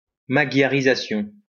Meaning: Magyarization
- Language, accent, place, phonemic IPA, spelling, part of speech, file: French, France, Lyon, /ma.ɡja.ʁi.za.sjɔ̃/, magyarisation, noun, LL-Q150 (fra)-magyarisation.wav